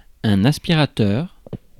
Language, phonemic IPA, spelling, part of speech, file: French, /as.pi.ʁa.tœʁ/, aspirateur, noun, Fr-aspirateur.ogg
- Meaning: 1. vacuum cleaner 2. aspirator